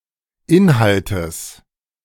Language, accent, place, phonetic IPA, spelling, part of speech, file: German, Germany, Berlin, [ˈɪnhaltəs], Inhaltes, noun, De-Inhaltes.ogg
- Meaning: genitive singular of Inhalt